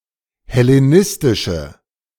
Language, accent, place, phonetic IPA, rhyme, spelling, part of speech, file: German, Germany, Berlin, [hɛleˈnɪstɪʃə], -ɪstɪʃə, hellenistische, adjective, De-hellenistische.ogg
- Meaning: inflection of hellenistisch: 1. strong/mixed nominative/accusative feminine singular 2. strong nominative/accusative plural 3. weak nominative all-gender singular